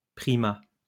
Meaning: 1. primate 2. primacy, supremacy
- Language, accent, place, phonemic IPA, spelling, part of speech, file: French, France, Lyon, /pʁi.ma/, primat, noun, LL-Q150 (fra)-primat.wav